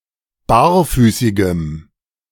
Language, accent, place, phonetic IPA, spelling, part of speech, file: German, Germany, Berlin, [ˈbaːɐ̯ˌfyːsɪɡəm], barfüßigem, adjective, De-barfüßigem.ogg
- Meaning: strong dative masculine/neuter singular of barfüßig